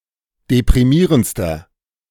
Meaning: inflection of deprimierend: 1. strong/mixed nominative masculine singular superlative degree 2. strong genitive/dative feminine singular superlative degree 3. strong genitive plural superlative degree
- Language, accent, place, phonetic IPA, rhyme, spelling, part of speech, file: German, Germany, Berlin, [depʁiˈmiːʁənt͡stɐ], -iːʁənt͡stɐ, deprimierendster, adjective, De-deprimierendster.ogg